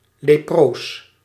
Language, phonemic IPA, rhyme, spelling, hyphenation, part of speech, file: Dutch, /leːˈproːs/, -oːs, leproos, le‧proos, noun / adjective, Nl-leproos.ogg
- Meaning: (noun) leper; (adjective) leprous